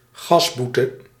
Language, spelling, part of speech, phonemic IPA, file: Dutch, GAS-boete, noun, /ˈɣɑzbutə/, Nl-GAS-boete.ogg
- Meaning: an administrative sanction for minor offences in Belgium